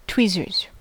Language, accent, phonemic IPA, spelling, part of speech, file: English, US, /ˈtwizəɹz/, tweezers, noun, En-us-tweezers.ogg
- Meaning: A small pincerlike instrument, usually made of metal, used for handling or picking up small objects (such as postage stamps), plucking out (plucking) hairs, pulling out slivers, etc